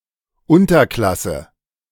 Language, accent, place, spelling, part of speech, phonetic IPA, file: German, Germany, Berlin, Unterklasse, noun, [ˈʊntɐˌklasə], De-Unterklasse.ogg
- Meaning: subclass